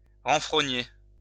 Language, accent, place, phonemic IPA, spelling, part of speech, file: French, France, Lyon, /ʁɑ̃.fʁɔ.ɲe/, renfrogner, verb, LL-Q150 (fra)-renfrogner.wav
- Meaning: to scowl, frown